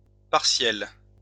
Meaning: feminine plural of partiel
- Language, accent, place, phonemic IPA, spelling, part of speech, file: French, France, Lyon, /paʁ.sjɛl/, partielles, adjective, LL-Q150 (fra)-partielles.wav